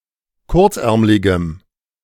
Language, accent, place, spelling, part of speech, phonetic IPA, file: German, Germany, Berlin, kurzärmligem, adjective, [ˈkʊʁt͡sˌʔɛʁmlɪɡəm], De-kurzärmligem.ogg
- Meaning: strong dative masculine/neuter singular of kurzärmlig